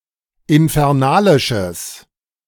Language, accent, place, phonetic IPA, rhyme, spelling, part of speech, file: German, Germany, Berlin, [ɪnfɛʁˈnaːlɪʃəs], -aːlɪʃəs, infernalisches, adjective, De-infernalisches.ogg
- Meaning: strong/mixed nominative/accusative neuter singular of infernalisch